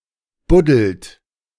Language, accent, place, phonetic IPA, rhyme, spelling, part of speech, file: German, Germany, Berlin, [ˈbʊdl̩t], -ʊdl̩t, buddelt, verb, De-buddelt.ogg
- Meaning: inflection of buddeln: 1. second-person plural present 2. third-person singular present 3. plural imperative